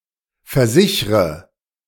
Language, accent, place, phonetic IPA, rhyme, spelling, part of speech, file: German, Germany, Berlin, [fɛɐ̯ˈzɪçʁə], -ɪçʁə, versichre, verb, De-versichre.ogg
- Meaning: inflection of versichern: 1. first-person singular present 2. first/third-person singular subjunctive I 3. singular imperative